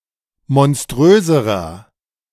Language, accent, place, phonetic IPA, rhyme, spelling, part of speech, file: German, Germany, Berlin, [mɔnˈstʁøːzəʁɐ], -øːzəʁɐ, monströserer, adjective, De-monströserer.ogg
- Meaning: inflection of monströs: 1. strong/mixed nominative masculine singular comparative degree 2. strong genitive/dative feminine singular comparative degree 3. strong genitive plural comparative degree